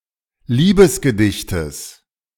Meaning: genitive singular of Liebesgedicht
- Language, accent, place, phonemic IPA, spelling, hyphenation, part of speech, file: German, Germany, Berlin, /ˈliːbəsɡəˌdɪçtəs/, Liebesgedichtes, Lie‧bes‧ge‧dich‧tes, noun, De-Liebesgedichtes.ogg